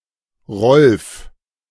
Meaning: a male given name, popular in Germany from the 1920's to the 1950's
- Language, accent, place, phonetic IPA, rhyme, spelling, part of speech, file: German, Germany, Berlin, [ʁɔlf], -ɔlf, Rolf, proper noun, De-Rolf.ogg